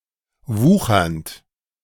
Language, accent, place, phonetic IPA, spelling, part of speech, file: German, Germany, Berlin, [ˈvuːxɐnt], wuchernd, verb, De-wuchernd.ogg
- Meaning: present participle of wuchern